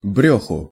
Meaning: dative/partitive singular of брёх (brjox)
- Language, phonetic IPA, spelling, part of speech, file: Russian, [ˈbrʲɵxʊ], брёху, noun, Ru-брёху.ogg